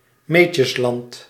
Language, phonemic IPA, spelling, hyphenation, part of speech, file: Dutch, /ˈmeː.tjəsˌlɑnt/, Meetjesland, Mee‧tjes‧land, proper noun, Nl-Meetjesland.ogg
- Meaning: a historic region in northwestern East Flanders, Belgium